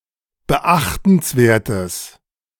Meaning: strong/mixed nominative/accusative neuter singular of beachtenswert
- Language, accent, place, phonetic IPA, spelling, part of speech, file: German, Germany, Berlin, [bəˈʔaxtn̩sˌveːɐ̯təs], beachtenswertes, adjective, De-beachtenswertes.ogg